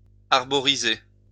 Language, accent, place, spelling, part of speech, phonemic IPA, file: French, France, Lyon, arboriser, verb, /aʁ.bɔ.ʁi.ze/, LL-Q150 (fra)-arboriser.wav
- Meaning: to plant trees